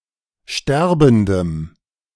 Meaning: strong dative masculine/neuter singular of sterbend
- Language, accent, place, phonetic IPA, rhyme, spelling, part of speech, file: German, Germany, Berlin, [ˈʃtɛʁbn̩dəm], -ɛʁbn̩dəm, sterbendem, adjective, De-sterbendem.ogg